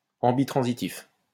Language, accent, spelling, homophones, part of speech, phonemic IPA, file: French, France, ambitransitif, ambitransitifs, adjective, /ɑ̃.bi.tʁɑ̃.zi.tif/, LL-Q150 (fra)-ambitransitif.wav
- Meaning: ambitransitive